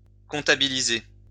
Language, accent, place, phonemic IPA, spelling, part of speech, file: French, France, Lyon, /kɔ̃.ta.bi.li.ze/, comptabiliser, verb, LL-Q150 (fra)-comptabiliser.wav
- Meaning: 1. to enter into the accounts, to post 2. to include in the count; to count, to count up